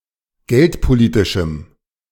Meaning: strong dative masculine/neuter singular of geldpolitisch
- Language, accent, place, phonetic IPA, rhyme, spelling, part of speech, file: German, Germany, Berlin, [ˈɡɛltpoˌliːtɪʃm̩], -ɛltpoliːtɪʃm̩, geldpolitischem, adjective, De-geldpolitischem.ogg